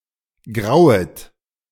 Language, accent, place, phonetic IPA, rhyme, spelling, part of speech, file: German, Germany, Berlin, [ˈɡʁaʊ̯ət], -aʊ̯ət, grauet, verb, De-grauet.ogg
- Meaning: second-person plural subjunctive I of grauen